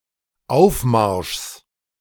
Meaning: genitive singular of Aufmarsch
- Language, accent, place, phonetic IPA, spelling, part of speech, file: German, Germany, Berlin, [ˈaʊ̯fˌmaʁʃs], Aufmarschs, noun, De-Aufmarschs.ogg